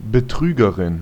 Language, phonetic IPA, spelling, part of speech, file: German, [bəˈtʀyːɡəʀɪn], Betrügerin, noun, De-Betrügerin.ogg
- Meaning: fraud (female person)